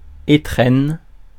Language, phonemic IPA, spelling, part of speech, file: French, /e.tʁɛn/, étrennes, noun, Fr-étrennes.ogg
- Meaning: 1. plural of étrenne 2. New Year's gift; Christmas present (especially when talking to a child)